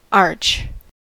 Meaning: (noun) 1. An inverted U shape 2. An arch-shaped arrangement of trapezoidal stones, designed to redistribute downward force outward 3. An architectural element having the shape of an arch
- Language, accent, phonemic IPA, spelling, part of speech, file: English, US, /ɑɹt͡ʃ/, arch, noun / verb / adjective, En-us-arch.ogg